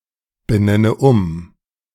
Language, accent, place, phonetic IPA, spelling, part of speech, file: German, Germany, Berlin, [bəˌnɛnə ˈʊm], benenne um, verb, De-benenne um.ogg
- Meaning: inflection of umbenennen: 1. first-person singular present 2. first/third-person singular subjunctive I 3. singular imperative